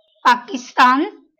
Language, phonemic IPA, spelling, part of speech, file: Marathi, /pa.kis.t̪an/, पाकिस्तान, proper noun, LL-Q1571 (mar)-पाकिस्तान.wav
- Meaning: Pakistan (a country in South Asia)